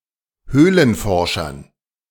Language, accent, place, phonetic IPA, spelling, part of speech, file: German, Germany, Berlin, [ˈhøːlənˌfɔʁʃɐn], Höhlenforschern, noun, De-Höhlenforschern.ogg
- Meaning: dative plural of Höhlenforscher